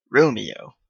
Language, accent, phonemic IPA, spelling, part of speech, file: English, Canada, /ˈɹoʊmioʊ/, Romeo, proper noun / noun, En-ca-Romeo.oga
- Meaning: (proper noun) 1. A male given name from the Romance languages 2. One of the main characters of Romeo and Juliet by William Shakespeare: the ardent lover of Juliet